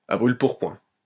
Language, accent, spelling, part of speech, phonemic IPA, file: French, France, à brûle-pourpoint, adverb, /a bʁyl.puʁ.pwɛ̃/, LL-Q150 (fra)-à brûle-pourpoint.wav
- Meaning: point-blank, very straightforwardly or bluntly